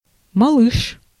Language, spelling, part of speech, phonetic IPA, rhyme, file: Russian, малыш, noun, [mɐˈɫɨʂ], -ɨʂ, Ru-малыш.ogg
- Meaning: 1. little kid, baby, little boy 2. shorty, shrimp